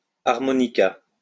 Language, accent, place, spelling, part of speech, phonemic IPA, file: French, France, Lyon, harmonica, noun, /aʁ.mɔ.ni.ka/, LL-Q150 (fra)-harmonica.wav
- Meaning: harmonica